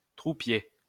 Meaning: trooper
- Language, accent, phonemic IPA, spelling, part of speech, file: French, France, /tʁu.pje/, troupier, noun, LL-Q150 (fra)-troupier.wav